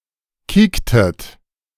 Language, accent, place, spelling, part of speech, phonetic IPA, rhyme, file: German, Germany, Berlin, kiektet, verb, [ˈkiːktət], -iːktət, De-kiektet.ogg
- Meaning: inflection of kieken: 1. second-person plural preterite 2. second-person plural subjunctive II